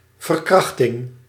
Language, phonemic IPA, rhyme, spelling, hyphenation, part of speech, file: Dutch, /vərˈkrɑx.tɪŋ/, -ɑxtɪŋ, verkrachting, ver‧krach‧ting, noun, Nl-verkrachting.ogg
- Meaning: rape